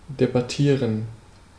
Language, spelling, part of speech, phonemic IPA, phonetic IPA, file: German, debattieren, verb, /debaˈtiːʁən/, [debaˈtʰiːɐ̯n], De-debattieren.ogg
- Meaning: to debate